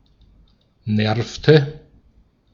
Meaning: inflection of nerven: 1. first/third-person singular preterite 2. first/third-person singular subjunctive II
- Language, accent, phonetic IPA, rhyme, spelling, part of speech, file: German, Austria, [ˈnɛʁftə], -ɛʁftə, nervte, verb, De-at-nervte.ogg